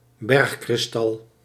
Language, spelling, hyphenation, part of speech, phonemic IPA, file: Dutch, bergkristal, berg‧kris‧tal, noun, /ˈbɛrx.krɪsˌtɑl/, Nl-bergkristal.ogg
- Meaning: rock crystal (clear, colourless form of quartz)